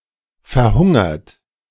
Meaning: past participle of verhungern
- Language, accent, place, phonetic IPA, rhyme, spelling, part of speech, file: German, Germany, Berlin, [fɛɐ̯ˈhʊŋɐt], -ʊŋɐt, verhungert, verb, De-verhungert.ogg